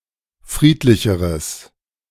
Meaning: strong/mixed nominative/accusative neuter singular comparative degree of friedlich
- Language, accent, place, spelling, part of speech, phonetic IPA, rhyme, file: German, Germany, Berlin, friedlicheres, adjective, [ˈfʁiːtlɪçəʁəs], -iːtlɪçəʁəs, De-friedlicheres.ogg